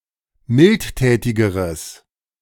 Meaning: strong/mixed nominative/accusative neuter singular comparative degree of mildtätig
- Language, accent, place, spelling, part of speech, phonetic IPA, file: German, Germany, Berlin, mildtätigeres, adjective, [ˈmɪltˌtɛːtɪɡəʁəs], De-mildtätigeres.ogg